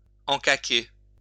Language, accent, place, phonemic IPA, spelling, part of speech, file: French, France, Lyon, /ɑ̃.ka.ke/, encaquer, verb, LL-Q150 (fra)-encaquer.wav
- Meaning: to put into barrels containing herrings